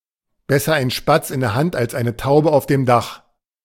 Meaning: a bird in the hand is worth two in the bush
- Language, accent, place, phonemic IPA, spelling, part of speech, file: German, Germany, Berlin, /ˈbɛsɐ ʔaɪ̯n ˈʃpats ʔɪn dɛɐ̯ ˈhant ʔals ʔaɪ̯nə ˈtaʊ̯bə ʔaʊ̯f deːm ˈdax/, besser ein Spatz in der Hand als eine Taube auf dem Dach, proverb, De-besser ein Spatz in der Hand als eine Taube auf dem Dach.ogg